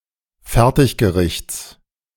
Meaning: genitive singular of Fertiggericht
- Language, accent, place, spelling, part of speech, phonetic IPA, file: German, Germany, Berlin, Fertiggerichts, noun, [ˈfɛʁtɪçɡəˌʁɪçt͡s], De-Fertiggerichts.ogg